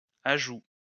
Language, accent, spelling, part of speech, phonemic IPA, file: French, France, ajout, noun, /a.ʒu/, LL-Q150 (fra)-ajout.wav
- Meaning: 1. addition (something added) 2. addition (the act of adding)